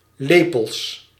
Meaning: plural of lepel
- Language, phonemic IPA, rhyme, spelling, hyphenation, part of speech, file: Dutch, /ˈleː.pəls/, -eːpəls, lepels, le‧pels, noun, Nl-lepels.ogg